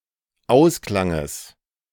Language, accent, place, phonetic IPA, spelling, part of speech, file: German, Germany, Berlin, [ˈaʊ̯sˌklaŋəs], Ausklanges, noun, De-Ausklanges.ogg
- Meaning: genitive of Ausklang